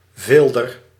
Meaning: skinner
- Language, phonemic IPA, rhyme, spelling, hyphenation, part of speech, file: Dutch, /ˈvɪl.dər/, -ɪldər, vilder, vil‧der, noun, Nl-vilder.ogg